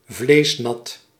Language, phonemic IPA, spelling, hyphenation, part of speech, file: Dutch, /ˈvleːs.nɑt/, vleesnat, vlees‧nat, noun, Nl-vleesnat.ogg
- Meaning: gravy